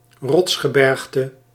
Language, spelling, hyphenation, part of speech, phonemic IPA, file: Dutch, rotsgebergte, rots‧ge‧berg‧te, noun, /ˈrɔts.xəˌbɛrx.tə/, Nl-rotsgebergte.ogg
- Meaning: a rocky mountain range